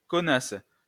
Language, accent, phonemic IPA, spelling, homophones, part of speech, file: French, France, /kɔ.nas/, connasse, conasse / conasses / connasses, noun, LL-Q150 (fra)-connasse.wav
- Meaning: 1. bitch, whore, cunt (objectionable woman) 2. whore (prostitute)